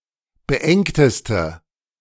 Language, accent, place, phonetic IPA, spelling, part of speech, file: German, Germany, Berlin, [bəˈʔɛŋtəstə], beengteste, adjective, De-beengteste.ogg
- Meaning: inflection of beengt: 1. strong/mixed nominative/accusative feminine singular superlative degree 2. strong nominative/accusative plural superlative degree